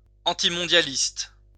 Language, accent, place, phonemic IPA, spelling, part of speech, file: French, France, Lyon, /ɑ̃.ti.mɔ̃.dja.list/, antimondialiste, adjective / noun, LL-Q150 (fra)-antimondialiste.wav
- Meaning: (adjective) antiglobalization; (noun) antiglobalist